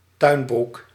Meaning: an overall, dungarees
- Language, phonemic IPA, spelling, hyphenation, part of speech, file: Dutch, /ˈtœy̯n.bruk/, tuinbroek, tuin‧broek, noun, Nl-tuinbroek.ogg